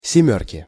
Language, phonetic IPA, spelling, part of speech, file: Russian, [sʲɪˈmʲɵrkʲɪ], семёрки, noun, Ru-семёрки.ogg
- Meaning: inflection of семёрка (semjórka): 1. genitive singular 2. nominative/accusative plural